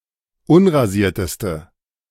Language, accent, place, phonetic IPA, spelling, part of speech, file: German, Germany, Berlin, [ˈʊnʁaˌziːɐ̯təstə], unrasierteste, adjective, De-unrasierteste.ogg
- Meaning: inflection of unrasiert: 1. strong/mixed nominative/accusative feminine singular superlative degree 2. strong nominative/accusative plural superlative degree